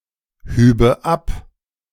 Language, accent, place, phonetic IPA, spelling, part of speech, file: German, Germany, Berlin, [ˌhyːbə ˈap], hübe ab, verb, De-hübe ab.ogg
- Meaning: first/third-person singular subjunctive II of abheben